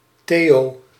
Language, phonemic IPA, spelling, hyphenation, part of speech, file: Dutch, /ˈteː.(j)oː/, Theo, Theo, proper noun, Nl-Theo.ogg
- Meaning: a male given name, equivalent to English Theo